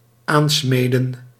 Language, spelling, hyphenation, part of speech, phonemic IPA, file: Dutch, aansmeden, aan‧sme‧den, verb, /ˈaːnˌsmeː.də(n)/, Nl-aansmeden.ogg
- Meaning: 1. to forge together, to forge into one 2. to put (restraints) into place, either forged shut or fastened in another way